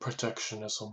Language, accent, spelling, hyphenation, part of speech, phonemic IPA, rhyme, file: English, US, protectionism, pro‧tec‧tio‧ni‧sm, noun, /pɹəˈtɛk.ʃə.nɪ.zəm/, -ɛkʃənɪzəm, Protectionism US.ogg
- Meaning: 1. A system or policy of protecting the domestic producers of a product from foreign competition by imposing tariffs, quotas, duties or other barriers on importations 2. Linguistic purism